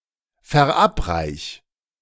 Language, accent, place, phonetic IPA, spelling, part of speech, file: German, Germany, Berlin, [fɛɐ̯ˈʔapˌʁaɪ̯ç], verabreich, verb, De-verabreich.ogg
- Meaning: 1. singular imperative of verabreichen 2. first-person singular present of verabreichen